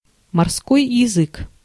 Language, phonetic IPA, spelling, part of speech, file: Russian, [mɐrˈskoj (j)ɪˈzɨk], морской язык, noun, Ru-морской язык.ogg
- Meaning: 1. common sole (Solea solea) 2. tonguefish (Cynoglossidae)